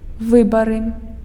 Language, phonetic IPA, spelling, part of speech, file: Belarusian, [ˈvɨbarɨ], выбары, noun, Be-выбары.ogg
- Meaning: 1. locative singular of вы́бар (výbar) 2. nominative plural of вы́бар (výbar) 3. accusative plural of вы́бар (výbar)